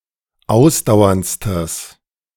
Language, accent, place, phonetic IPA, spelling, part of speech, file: German, Germany, Berlin, [ˈaʊ̯sdaʊ̯ɐnt͡stəs], ausdauerndstes, adjective, De-ausdauerndstes.ogg
- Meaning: strong/mixed nominative/accusative neuter singular superlative degree of ausdauernd